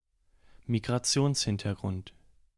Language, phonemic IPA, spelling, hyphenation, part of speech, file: German, /miɡʁaˈt͡si̯oːnsˌhɪntɐɡʁʊnt/, Migrationshintergrund, Mi‧g‧ra‧ti‧ons‧hin‧ter‧grund, noun, De-Migrationshintergrund.ogg
- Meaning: migration background (i.e. being a migrant or having one or more parents or grandparents be migrants)